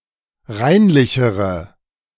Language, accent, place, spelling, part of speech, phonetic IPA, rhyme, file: German, Germany, Berlin, reinlichere, adjective, [ˈʁaɪ̯nlɪçəʁə], -aɪ̯nlɪçəʁə, De-reinlichere.ogg
- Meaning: inflection of reinlich: 1. strong/mixed nominative/accusative feminine singular comparative degree 2. strong nominative/accusative plural comparative degree